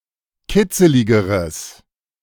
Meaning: strong/mixed nominative/accusative neuter singular comparative degree of kitzelig
- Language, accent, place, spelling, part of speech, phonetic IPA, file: German, Germany, Berlin, kitzeligeres, adjective, [ˈkɪt͡səlɪɡəʁəs], De-kitzeligeres.ogg